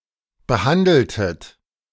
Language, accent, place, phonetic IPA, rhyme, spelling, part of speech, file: German, Germany, Berlin, [bəˈhandl̩tət], -andl̩tət, behandeltet, verb, De-behandeltet.ogg
- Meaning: inflection of behandeln: 1. second-person plural preterite 2. second-person plural subjunctive II